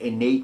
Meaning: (adjective) 1. Inborn; existing or having existed since birth 2. Originating in, or derived from, the constitution of the intellect, as opposed to acquired from experience
- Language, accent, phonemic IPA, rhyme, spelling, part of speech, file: English, US, /ɪˈneɪt/, -eɪt, innate, adjective / verb, En-us-innate.ogg